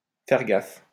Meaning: to pay attention to, to watch out for, to be careful of, mind
- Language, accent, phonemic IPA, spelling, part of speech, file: French, France, /fɛʁ ɡaf/, faire gaffe, verb, LL-Q150 (fra)-faire gaffe.wav